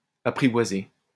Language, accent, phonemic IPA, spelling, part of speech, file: French, France, /a.pʁi.vwa.ze/, apprivoisée, verb, LL-Q150 (fra)-apprivoisée.wav
- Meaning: feminine singular of apprivoisé